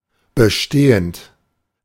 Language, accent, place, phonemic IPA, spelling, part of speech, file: German, Germany, Berlin, /bəˈʃteːənt/, bestehend, verb / adjective, De-bestehend.ogg
- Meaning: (verb) present participle of bestehen; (adjective) existing, established